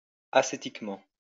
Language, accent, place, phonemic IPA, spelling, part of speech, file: French, France, Lyon, /a.se.tik.mɑ̃/, ascétiquement, adverb, LL-Q150 (fra)-ascétiquement.wav
- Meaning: ascetically